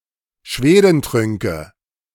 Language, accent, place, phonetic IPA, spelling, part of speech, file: German, Germany, Berlin, [ˈʃveːdənˌtʁʏŋkə], Schwedentrünke, noun, De-Schwedentrünke.ogg
- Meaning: nominative/accusative/genitive plural of Schwedentrunk